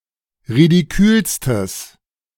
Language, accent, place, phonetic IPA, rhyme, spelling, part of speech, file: German, Germany, Berlin, [ʁidiˈkyːlstəs], -yːlstəs, ridikülstes, adjective, De-ridikülstes.ogg
- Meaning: strong/mixed nominative/accusative neuter singular superlative degree of ridikül